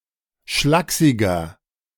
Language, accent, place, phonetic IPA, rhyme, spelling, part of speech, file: German, Germany, Berlin, [ˈʃlaːksɪɡɐ], -aːksɪɡɐ, schlaksiger, adjective, De-schlaksiger.ogg
- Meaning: 1. comparative degree of schlaksig 2. inflection of schlaksig: strong/mixed nominative masculine singular 3. inflection of schlaksig: strong genitive/dative feminine singular